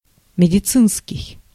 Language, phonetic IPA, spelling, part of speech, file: Russian, [mʲɪdʲɪˈt͡sɨnskʲɪj], медицинский, adjective, Ru-медицинский.ogg
- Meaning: medical, medicinal